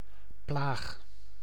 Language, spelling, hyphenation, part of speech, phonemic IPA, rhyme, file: Dutch, plaag, plaag, noun / verb, /plaːx/, -aːx, Nl-plaag.ogg
- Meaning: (noun) plague; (verb) inflection of plagen: 1. first-person singular present indicative 2. second-person singular present indicative 3. imperative